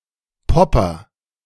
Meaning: A member of a German youth movement in the 1980s associated with consumerism and hedonism
- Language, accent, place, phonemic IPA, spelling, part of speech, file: German, Germany, Berlin, /ˈpɔpɐ/, Popper, noun, De-Popper.ogg